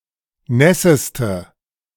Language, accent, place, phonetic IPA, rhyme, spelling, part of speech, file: German, Germany, Berlin, [ˈnɛsəstə], -ɛsəstə, nässeste, adjective, De-nässeste.ogg
- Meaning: inflection of nass: 1. strong/mixed nominative/accusative feminine singular superlative degree 2. strong nominative/accusative plural superlative degree